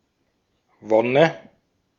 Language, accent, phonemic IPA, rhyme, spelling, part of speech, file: German, Austria, /ˈvɔnə/, -ɔnə, Wonne, noun, De-at-Wonne.ogg
- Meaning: 1. bliss, joy; delight 2. lust